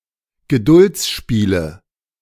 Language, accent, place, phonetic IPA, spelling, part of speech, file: German, Germany, Berlin, [ɡəˈdʊlt͡sˌʃpiːlə], Geduldsspiele, noun, De-Geduldsspiele.ogg
- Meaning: 1. nominative/accusative/genitive plural of Geduldsspiel 2. dative of Geduldsspiel